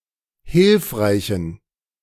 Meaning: inflection of hilfreich: 1. strong genitive masculine/neuter singular 2. weak/mixed genitive/dative all-gender singular 3. strong/weak/mixed accusative masculine singular 4. strong dative plural
- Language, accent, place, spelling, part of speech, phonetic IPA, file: German, Germany, Berlin, hilfreichen, adjective, [ˈhɪlfʁaɪ̯çn̩], De-hilfreichen.ogg